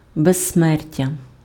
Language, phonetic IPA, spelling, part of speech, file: Ukrainian, [bezsˈmɛrtʲɐ], безсмертя, noun, Uk-безсмертя.ogg
- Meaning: immortality